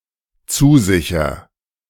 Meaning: first-person singular dependent present of zusichern
- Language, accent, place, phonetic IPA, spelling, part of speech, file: German, Germany, Berlin, [ˈt͡suːˌzɪçɐ], zusicher, verb, De-zusicher.ogg